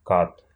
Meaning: 1. executioner 2. cat 3. khat 4. cut (livejournal cut, , which allows you to hide all or part of your entry behind a link)
- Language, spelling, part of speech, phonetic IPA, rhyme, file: Russian, кат, noun, [kat], -at, Ru-кат.ogg